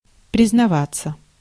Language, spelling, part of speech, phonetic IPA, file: Russian, признаваться, verb, [prʲɪznɐˈvat͡sːə], Ru-признаваться.ogg
- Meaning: 1. to confess, to admit 2. passive of признава́ть (priznavátʹ)